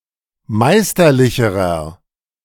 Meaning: inflection of meisterlich: 1. strong/mixed nominative masculine singular comparative degree 2. strong genitive/dative feminine singular comparative degree 3. strong genitive plural comparative degree
- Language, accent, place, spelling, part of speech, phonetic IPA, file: German, Germany, Berlin, meisterlicherer, adjective, [ˈmaɪ̯stɐˌlɪçəʁɐ], De-meisterlicherer.ogg